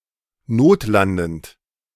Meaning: present participle of notlanden
- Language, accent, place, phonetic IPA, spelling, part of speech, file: German, Germany, Berlin, [ˈnoːtˌlandn̩t], notlandend, verb, De-notlandend.ogg